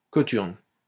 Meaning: 1. buskin 2. cothurnus, buskin (symbolizing tragedy)
- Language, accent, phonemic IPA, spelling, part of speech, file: French, France, /kɔ.tyʁn/, cothurne, noun, LL-Q150 (fra)-cothurne.wav